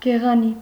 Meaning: very beautiful
- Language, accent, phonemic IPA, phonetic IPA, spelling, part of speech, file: Armenian, Eastern Armenian, /ɡeʁɑˈni/, [ɡeʁɑní], գեղանի, adjective, Hy-գեղանի.ogg